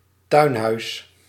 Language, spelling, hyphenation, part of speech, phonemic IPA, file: Dutch, tuinhuis, tuin‧huis, noun, /ˈtœy̯n.ɦœy̯s/, Nl-tuinhuis.ogg
- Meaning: a small building in a garden often used for both recreation and storage; a shed, a cabana